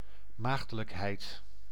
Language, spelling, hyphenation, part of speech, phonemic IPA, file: Dutch, maagdelijkheid, maag‧de‧lijk‧heid, noun, /ˈmaɣdələkˌhɛit/, Nl-maagdelijkheid.ogg
- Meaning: 1. virginity (state of being a virgin) 2. innocence, inexperience